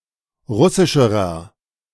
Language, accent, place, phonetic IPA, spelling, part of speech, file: German, Germany, Berlin, [ˈʁʊsɪʃəʁɐ], russischerer, adjective, De-russischerer.ogg
- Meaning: inflection of russisch: 1. strong/mixed nominative masculine singular comparative degree 2. strong genitive/dative feminine singular comparative degree 3. strong genitive plural comparative degree